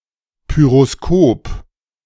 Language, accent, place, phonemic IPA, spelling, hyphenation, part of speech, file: German, Germany, Berlin, /ˌpyʁoˈskoːp/, Pyroskop, Py‧ros‧kop, noun, De-Pyroskop.ogg
- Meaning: pyroscope